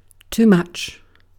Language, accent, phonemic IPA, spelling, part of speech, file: English, UK, /tu ˈmʌtʃ/, too much, adverb / determiner / adjective / pronoun / interjection, En-uk-too much.ogg
- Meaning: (adverb) 1. To a greater extent than is wanted or required; excessively 2. To a sufficiently strong degree to prevent some other action from happening